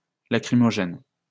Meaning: lachrymatory, lacrimogenous (causing the production of tears)
- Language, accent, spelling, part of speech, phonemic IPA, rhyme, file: French, France, lacrymogène, adjective, /la.kʁi.mɔ.ʒɛn/, -ɛn, LL-Q150 (fra)-lacrymogène.wav